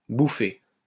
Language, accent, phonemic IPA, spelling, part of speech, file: French, France, /bu.fe/, bouffée, noun, LL-Q150 (fra)-bouffée.wav
- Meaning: 1. puff (of wind, smoke, etc.) 2. surge, rush